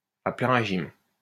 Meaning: at full capacity, flat-out, full-bore
- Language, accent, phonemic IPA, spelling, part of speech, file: French, France, /a plɛ̃ ʁe.ʒim/, à plein régime, adverb, LL-Q150 (fra)-à plein régime.wav